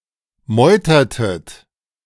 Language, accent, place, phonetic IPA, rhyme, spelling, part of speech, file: German, Germany, Berlin, [ˈmɔɪ̯tɐtət], -ɔɪ̯tɐtət, meutertet, verb, De-meutertet.ogg
- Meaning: inflection of meutern: 1. second-person plural preterite 2. second-person plural subjunctive II